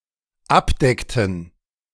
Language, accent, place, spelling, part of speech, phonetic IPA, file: German, Germany, Berlin, abdeckten, verb, [ˈapˌdɛktn̩], De-abdeckten.ogg
- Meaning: inflection of abdecken: 1. first/third-person plural dependent preterite 2. first/third-person plural dependent subjunctive II